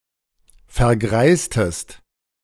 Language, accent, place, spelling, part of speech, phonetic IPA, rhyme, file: German, Germany, Berlin, vergreistest, verb, [fɛɐ̯ˈɡʁaɪ̯stəst], -aɪ̯stəst, De-vergreistest.ogg
- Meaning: inflection of vergreisen: 1. second-person singular preterite 2. second-person singular subjunctive II